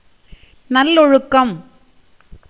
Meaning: moral conduct
- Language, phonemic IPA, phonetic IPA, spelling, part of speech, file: Tamil, /nɐlloɻʊkːɐm/, [nɐllo̞ɻʊkːɐm], நல்லொழுக்கம், noun, Ta-நல்லொழுக்கம்.ogg